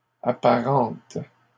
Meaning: third-person plural present indicative/subjunctive of apparenter
- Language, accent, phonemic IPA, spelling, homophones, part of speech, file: French, Canada, /a.pa.ʁɑ̃t/, apparentent, apparente / apparentes, verb, LL-Q150 (fra)-apparentent.wav